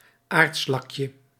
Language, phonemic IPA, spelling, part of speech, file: Dutch, /ˈartslɑkjə/, aardslakje, noun, Nl-aardslakje.ogg
- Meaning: diminutive of aardslak